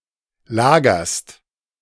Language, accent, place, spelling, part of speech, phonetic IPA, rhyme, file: German, Germany, Berlin, lagerst, verb, [ˈlaːɡɐst], -aːɡɐst, De-lagerst.ogg
- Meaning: second-person singular present of lagern